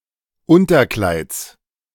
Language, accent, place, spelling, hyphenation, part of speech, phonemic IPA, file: German, Germany, Berlin, Unterkleids, Un‧ter‧kleids, noun, /ˈʊntɐˌklaɪ̯t͡s/, De-Unterkleids.ogg
- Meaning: genitive singular of Unterkleid